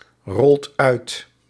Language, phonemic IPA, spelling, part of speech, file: Dutch, /ˈrɔlt ˈœyt/, rolt uit, verb, Nl-rolt uit.ogg
- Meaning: inflection of uitrollen: 1. second/third-person singular present indicative 2. plural imperative